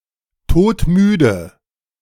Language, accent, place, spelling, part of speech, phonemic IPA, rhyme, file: German, Germany, Berlin, todmüde, adjective, /ˌtoːtˈmyːdə/, -yːdə, De-todmüde.ogg
- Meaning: dead tired